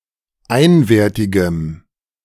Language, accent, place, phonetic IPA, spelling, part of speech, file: German, Germany, Berlin, [ˈaɪ̯nveːɐ̯tɪɡəm], einwertigem, adjective, De-einwertigem.ogg
- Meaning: strong dative masculine/neuter singular of einwertig